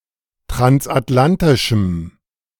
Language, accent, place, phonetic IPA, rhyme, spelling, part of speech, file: German, Germany, Berlin, [tʁansʔatˈlantɪʃm̩], -antɪʃm̩, transatlantischem, adjective, De-transatlantischem.ogg
- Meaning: strong dative masculine/neuter singular of transatlantisch